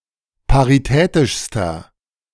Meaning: inflection of paritätisch: 1. strong/mixed nominative masculine singular superlative degree 2. strong genitive/dative feminine singular superlative degree 3. strong genitive plural superlative degree
- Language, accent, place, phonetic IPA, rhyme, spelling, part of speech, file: German, Germany, Berlin, [paʁiˈtɛːtɪʃstɐ], -ɛːtɪʃstɐ, paritätischster, adjective, De-paritätischster.ogg